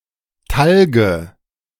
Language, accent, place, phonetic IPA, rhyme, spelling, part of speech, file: German, Germany, Berlin, [ˈtalɡə], -alɡə, Talge, noun, De-Talge.ogg
- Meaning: nominative/accusative/genitive plural of Talg